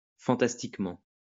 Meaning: fantastically (in a way related to fantasy)
- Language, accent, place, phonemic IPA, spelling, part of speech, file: French, France, Lyon, /fɑ̃.tas.tik.mɑ̃/, fantastiquement, adverb, LL-Q150 (fra)-fantastiquement.wav